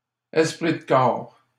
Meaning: esprit de corps, spirit of the group, common spirit
- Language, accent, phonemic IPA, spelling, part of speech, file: French, Canada, /ɛs.pʁi d(ə) kɔʁ/, esprit de corps, noun, LL-Q150 (fra)-esprit de corps.wav